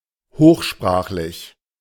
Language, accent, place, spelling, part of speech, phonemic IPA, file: German, Germany, Berlin, hochsprachlich, adjective, /ˈhoːχˌʃpʁaːχlɪç/, De-hochsprachlich.ogg
- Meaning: literary; standard (of language)